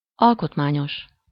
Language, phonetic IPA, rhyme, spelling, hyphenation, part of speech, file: Hungarian, [ˈɒlkotmaːɲoʃ], -oʃ, alkotmányos, al‧kot‧má‧nyos, adjective, Hu-alkotmányos.ogg
- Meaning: constitutional (relating to the constitution)